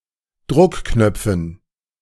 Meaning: dative plural of Druckknopf
- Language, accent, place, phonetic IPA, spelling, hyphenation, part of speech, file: German, Germany, Berlin, [ˈdʁʊkˌknœp͡fn̩], Druckknöpfen, Druck‧knöp‧fen, noun, De-Druckknöpfen.ogg